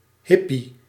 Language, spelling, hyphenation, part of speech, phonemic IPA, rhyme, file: Dutch, hippie, hip‧pie, noun, /ˈɦɪ.pi/, -ɪpi, Nl-hippie.ogg
- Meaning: hippie